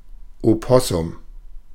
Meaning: 1. an opossum of the genus Didelphis 2. Virginia opossum, the North American opossum 3. synonym of Beutelratte (“any opossum”)
- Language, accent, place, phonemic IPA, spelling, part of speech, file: German, Germany, Berlin, /oˈpɔsʊm/, Opossum, noun, De-Opossum.ogg